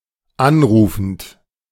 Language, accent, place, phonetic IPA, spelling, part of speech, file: German, Germany, Berlin, [ˈanˌʁuːfn̩t], anrufend, verb, De-anrufend.ogg
- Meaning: present participle of anrufen